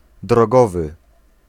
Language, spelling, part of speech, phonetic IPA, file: Polish, drogowy, adjective, [drɔˈɡɔvɨ], Pl-drogowy.ogg